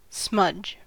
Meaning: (noun) 1. A blemish or smear, especially a dark or sooty one 2. Dense smoke, such as that used for fumigation
- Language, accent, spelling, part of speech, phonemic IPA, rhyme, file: English, US, smudge, noun / verb, /smʌd͡ʒ/, -ʌdʒ, En-us-smudge.ogg